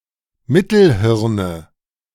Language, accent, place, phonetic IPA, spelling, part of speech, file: German, Germany, Berlin, [ˈmɪtl̩ˌhɪʁnə], Mittelhirne, noun, De-Mittelhirne.ogg
- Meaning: nominative/accusative/genitive plural of Mittelhirn